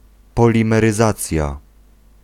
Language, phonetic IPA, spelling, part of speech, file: Polish, [ˌpɔlʲĩmɛrɨˈzat͡sʲja], polimeryzacja, noun, Pl-polimeryzacja.ogg